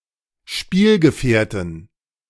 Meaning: 1. genitive dative accusative singular of Spielgefährte 2. nominative genitive dative accusative plural of Spielgefährte
- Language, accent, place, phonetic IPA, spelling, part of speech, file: German, Germany, Berlin, [ˈʃpiːlɡəˌfɛːɐ̯tn̩], Spielgefährten, noun, De-Spielgefährten.ogg